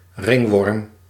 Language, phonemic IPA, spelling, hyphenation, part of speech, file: Dutch, /ˈrɪŋ.ʋɔrm/, ringworm, ring‧worm, noun, Nl-ringworm.ogg
- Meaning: 1. annelid, worm of the phylum Annelida 2. ringworm, infectious fungal disease